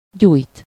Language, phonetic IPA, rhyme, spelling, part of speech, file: Hungarian, [ˈɟuːjt], -uːjt, gyújt, verb, Hu-gyújt.ogg
- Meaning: 1. to light, kindle 2. to switch on 3. to light (followed by -ra/-re) 4. to ignite, kindle (to arouse feelings and passions, such as anger, joy, love in someone)